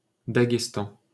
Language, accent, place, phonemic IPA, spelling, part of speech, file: French, France, Paris, /da.ɡɛs.tɑ̃/, Daghestan, proper noun, LL-Q150 (fra)-Daghestan.wav
- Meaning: Dagestan (a republic and federal subject of Russia, located in the Caucasus region)